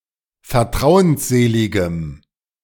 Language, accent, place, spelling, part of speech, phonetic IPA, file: German, Germany, Berlin, vertrauensseligem, adjective, [fɛɐ̯ˈtʁaʊ̯ənsˌzeːlɪɡəm], De-vertrauensseligem.ogg
- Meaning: strong dative masculine/neuter singular of vertrauensselig